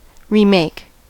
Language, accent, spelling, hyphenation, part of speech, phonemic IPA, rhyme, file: English, General American, remake, re‧make, verb, /ɹiˈmeɪk/, -eɪk, En-us-remake.ogg
- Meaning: 1. To make again 2. To make a new, especially updated, version of (a film, video game, etc.)